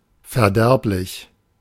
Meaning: 1. pernicious 2. perishable
- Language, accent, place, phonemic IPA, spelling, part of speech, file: German, Germany, Berlin, /fɛɐ̯ˈdɛʁplɪç/, verderblich, adjective, De-verderblich.ogg